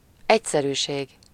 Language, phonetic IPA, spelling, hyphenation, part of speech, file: Hungarian, [ˈɛcsɛryːʃeːɡ], egyszerűség, egy‧sze‧rű‧ség, noun, Hu-egyszerűség.ogg
- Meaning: simplicity, plainness